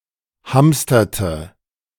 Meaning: inflection of hamstern: 1. first/third-person singular preterite 2. first/third-person singular subjunctive II
- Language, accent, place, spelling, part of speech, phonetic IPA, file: German, Germany, Berlin, hamsterte, verb, [ˈhamstɐtə], De-hamsterte.ogg